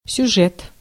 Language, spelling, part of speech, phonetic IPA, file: Russian, сюжет, noun, [sʲʊˈʐɛt], Ru-сюжет.ogg
- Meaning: 1. subject 2. plot